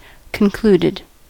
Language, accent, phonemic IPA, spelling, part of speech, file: English, US, /kənˈkluː.dɪd/, concluded, verb, En-us-concluded.ogg
- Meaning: simple past and past participle of conclude